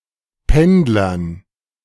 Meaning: dative plural of Pendler
- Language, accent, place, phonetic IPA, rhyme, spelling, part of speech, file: German, Germany, Berlin, [ˈpɛndlɐn], -ɛndlɐn, Pendlern, noun, De-Pendlern.ogg